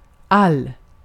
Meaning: all
- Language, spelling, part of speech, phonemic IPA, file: Swedish, all, determiner, /al/, Sv-all.ogg